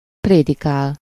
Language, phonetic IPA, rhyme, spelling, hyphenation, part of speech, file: Hungarian, [ˈpreːdikaːl], -aːl, prédikál, pré‧di‧kál, verb, Hu-prédikál.ogg
- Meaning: 1. to preach (to give a sermon) 2. to preach, lecture, scold (to give lengthy moral instructions expressing reproach)